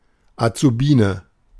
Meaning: short for Auszubildende (female apprentice, trainee)
- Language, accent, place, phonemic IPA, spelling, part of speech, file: German, Germany, Berlin, /at͡suˈbiːnə/, Azubine, noun, De-Azubine.ogg